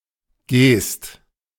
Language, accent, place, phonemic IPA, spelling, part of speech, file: German, Germany, Berlin, /ɡeːst/, Geest, noun, De-Geest.ogg
- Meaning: geest (a somewhat elevated landscape in a plain with sandy grounds and frequent heaths)